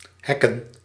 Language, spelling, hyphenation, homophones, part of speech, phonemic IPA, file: Dutch, hacken, hac‧ken, hekken, verb, /ˈɦɛ.kə(n)/, Nl-hacken.ogg
- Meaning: to hack (to attempt to gain illegitimate access)